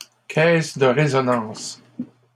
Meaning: 1. sound box (resonant chamber of a musical instrument) 2. echo chamber
- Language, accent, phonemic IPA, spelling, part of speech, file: French, Canada, /kɛs də ʁe.zɔ.nɑ̃s/, caisse de résonance, noun, LL-Q150 (fra)-caisse de résonance.wav